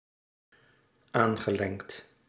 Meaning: past participle of aanlengen
- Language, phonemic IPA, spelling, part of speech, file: Dutch, /ˈaŋɣəˌleŋt/, aangelengd, verb, Nl-aangelengd.ogg